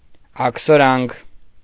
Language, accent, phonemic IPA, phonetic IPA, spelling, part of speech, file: Armenian, Eastern Armenian, /ɑkʰsoˈɾɑnkʰ/, [ɑkʰsoɾɑ́ŋkʰ], աքսորանք, noun, Hy-աքսորանք.ogg
- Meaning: synonym of աքսոր (akʻsor)